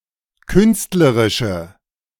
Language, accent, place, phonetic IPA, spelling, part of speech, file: German, Germany, Berlin, [ˈkʏnstləʁɪʃə], künstlerische, adjective, De-künstlerische.ogg
- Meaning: inflection of künstlerisch: 1. strong/mixed nominative/accusative feminine singular 2. strong nominative/accusative plural 3. weak nominative all-gender singular